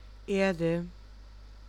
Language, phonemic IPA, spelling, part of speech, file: German, /ˈeːrdə/, Erde, noun / proper noun, De-Erde.ogg
- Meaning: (noun) 1. earth 2. soil 3. the ground 4. a world; a space to live in; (proper noun) the planet Earth